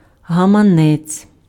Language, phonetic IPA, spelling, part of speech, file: Ukrainian, [ɦɐmɐˈnɛt͡sʲ], гаманець, noun, Uk-гаманець.ogg
- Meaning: purse, wallet